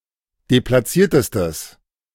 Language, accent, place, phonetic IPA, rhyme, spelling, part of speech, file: German, Germany, Berlin, [deplaˈt͡siːɐ̯təstəs], -iːɐ̯təstəs, deplatziertestes, adjective, De-deplatziertestes.ogg
- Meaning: strong/mixed nominative/accusative neuter singular superlative degree of deplatziert